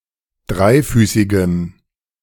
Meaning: strong dative masculine/neuter singular of dreifüßig
- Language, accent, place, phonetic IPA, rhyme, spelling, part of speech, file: German, Germany, Berlin, [ˈdʁaɪ̯ˌfyːsɪɡəm], -aɪ̯fyːsɪɡəm, dreifüßigem, adjective, De-dreifüßigem.ogg